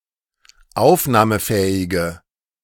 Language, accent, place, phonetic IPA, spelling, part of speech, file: German, Germany, Berlin, [ˈaʊ̯fnaːməˌfɛːɪɡə], aufnahmefähige, adjective, De-aufnahmefähige.ogg
- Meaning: inflection of aufnahmefähig: 1. strong/mixed nominative/accusative feminine singular 2. strong nominative/accusative plural 3. weak nominative all-gender singular